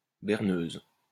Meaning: female equivalent of berneur
- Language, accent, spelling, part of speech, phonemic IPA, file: French, France, berneuse, noun, /bɛʁ.nøz/, LL-Q150 (fra)-berneuse.wav